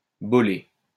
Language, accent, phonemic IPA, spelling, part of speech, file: French, France, /bɔ.le/, bolée, noun, LL-Q150 (fra)-bolée.wav
- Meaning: bowlful